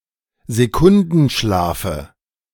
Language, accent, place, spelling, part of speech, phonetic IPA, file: German, Germany, Berlin, Sekundenschlafe, noun, [zeˈkʊndn̩ˌʃlaːfə], De-Sekundenschlafe.ogg
- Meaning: dative of Sekundenschlaf